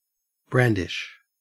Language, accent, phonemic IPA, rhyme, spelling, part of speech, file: English, Australia, /ˈbɹændɪʃ/, -ændɪʃ, brandish, verb / noun, En-au-brandish.ogg
- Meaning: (verb) 1. To move or swing a weapon back and forth, particularly if demonstrating anger, threat or skill 2. To bear something with ostentatious show; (noun) The act of flourishing or waving